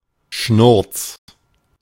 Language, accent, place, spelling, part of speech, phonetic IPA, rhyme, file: German, Germany, Berlin, schnurz, adjective, [ʃnʊʁt͡s], -ʊʁt͡s, De-schnurz.ogg
- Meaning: entirely unimportant